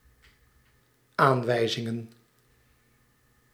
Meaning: plural of aanwijzing
- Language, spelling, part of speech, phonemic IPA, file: Dutch, aanwijzingen, noun, /ˈaɱwɛizɪŋə(n)/, Nl-aanwijzingen.ogg